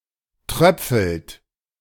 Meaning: inflection of tröpfeln: 1. second-person plural present 2. third-person singular present 3. plural imperative
- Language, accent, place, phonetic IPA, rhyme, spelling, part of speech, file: German, Germany, Berlin, [ˈtʁœp͡fl̩t], -œp͡fl̩t, tröpfelt, verb, De-tröpfelt.ogg